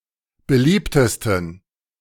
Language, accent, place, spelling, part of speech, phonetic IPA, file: German, Germany, Berlin, beliebtesten, adjective, [bəˈliːptəstn̩], De-beliebtesten.ogg
- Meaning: 1. superlative degree of beliebt 2. inflection of beliebt: strong genitive masculine/neuter singular superlative degree